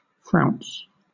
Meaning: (noun) 1. A canker in the mouth of a hawk 2. A plait or curl; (verb) 1. To curl 2. To crease, wrinkle, to frown 3. To gather into or adorn with plaits, as a dress
- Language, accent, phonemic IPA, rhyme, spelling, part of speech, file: English, Southern England, /fɹaʊns/, -aʊns, frounce, noun / verb, LL-Q1860 (eng)-frounce.wav